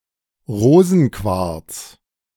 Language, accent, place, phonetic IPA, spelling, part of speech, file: German, Germany, Berlin, [ˈʁoːzn̩ˌkvaʁt͡s], Rosenquarz, noun, De-Rosenquarz.ogg
- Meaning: rose quartz